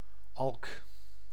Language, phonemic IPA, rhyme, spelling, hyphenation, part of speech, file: Dutch, /ɑlk/, -ɑlk, alk, alk, noun, Nl-alk.ogg
- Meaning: 1. an auk; a member of the Alcidae 2. the razorbill (Alca torda)